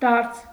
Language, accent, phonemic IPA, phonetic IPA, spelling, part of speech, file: Armenian, Eastern Armenian, /dɑɾt͡sʰ/, [dɑɾt͡sʰ], դարձ, noun, Hy-դարձ.ogg
- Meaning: return